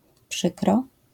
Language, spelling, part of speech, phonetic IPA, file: Polish, przykro, adverb, [ˈpʃɨkrɔ], LL-Q809 (pol)-przykro.wav